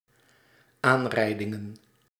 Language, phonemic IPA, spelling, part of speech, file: Dutch, /ˈanrɛidɪŋə(n)/, aanrijdingen, noun, Nl-aanrijdingen.ogg
- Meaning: plural of aanrijding